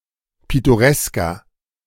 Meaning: 1. comparative degree of pittoresk 2. inflection of pittoresk: strong/mixed nominative masculine singular 3. inflection of pittoresk: strong genitive/dative feminine singular
- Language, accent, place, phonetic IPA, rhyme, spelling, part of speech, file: German, Germany, Berlin, [ˌpɪtoˈʁɛskɐ], -ɛskɐ, pittoresker, adjective, De-pittoresker.ogg